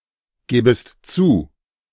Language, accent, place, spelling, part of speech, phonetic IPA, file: German, Germany, Berlin, gäbest zu, verb, [ˌɡɛːbəst ˈt͡suː], De-gäbest zu.ogg
- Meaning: second-person singular subjunctive II of zugeben